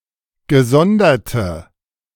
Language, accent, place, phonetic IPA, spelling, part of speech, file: German, Germany, Berlin, [ɡəˈzɔndɐtə], gesonderte, adjective, De-gesonderte.ogg
- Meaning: inflection of gesondert: 1. strong/mixed nominative/accusative feminine singular 2. strong nominative/accusative plural 3. weak nominative all-gender singular